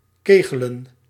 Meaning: to play nine-pin bowling
- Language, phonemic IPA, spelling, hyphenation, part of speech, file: Dutch, /ˈkeː.ɣə.lə(n)/, kegelen, ke‧ge‧len, verb, Nl-kegelen.ogg